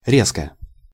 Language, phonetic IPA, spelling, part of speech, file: Russian, [ˈrʲeskə], резко, adverb / adjective, Ru-резко.ogg
- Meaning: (adverb) 1. sharply, harshly, abruptly 2. bluntly; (adjective) short neuter singular of ре́зкий (rézkij)